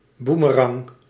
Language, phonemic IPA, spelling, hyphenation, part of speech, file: Dutch, /ˈbu.məˌrɑŋ/, boemerang, boe‧me‧rang, noun, Nl-boemerang.ogg
- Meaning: boomerang